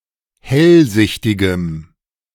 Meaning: strong dative masculine/neuter singular of hellsichtig
- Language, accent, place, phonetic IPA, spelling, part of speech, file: German, Germany, Berlin, [ˈhɛlˌzɪçtɪɡəm], hellsichtigem, adjective, De-hellsichtigem.ogg